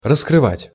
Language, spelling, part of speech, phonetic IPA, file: Russian, раскрывать, verb, [rəskrɨˈvatʲ], Ru-раскрывать.ogg
- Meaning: 1. to open 2. to uncover, to expose, to bare 3. to disclose, to reveal, to discover